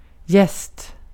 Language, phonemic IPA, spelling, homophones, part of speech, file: Swedish, /jɛst/, jäst, gäst, noun / verb, Sv-jäst.ogg
- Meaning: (noun) yeast; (verb) 1. supine of jäsa 2. past participle of jäsa